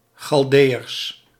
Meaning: plural of Chaldeeër
- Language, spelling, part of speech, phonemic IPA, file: Dutch, Chaldeeërs, noun, /xɑlˈdejərs/, Nl-Chaldeeërs.ogg